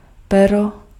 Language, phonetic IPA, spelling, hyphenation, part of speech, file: Czech, [ˈpɛro], pero, pe‧ro, noun, Cs-pero.ogg
- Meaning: 1. feather 2. pen (writing instrument) 3. penis